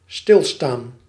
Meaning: 1. to stand still, to not move 2. to stagnate 3. to realise, to pay attention
- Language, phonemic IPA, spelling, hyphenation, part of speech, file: Dutch, /ˈstɪlˌstaːn/, stilstaan, stil‧staan, verb, Nl-stilstaan.ogg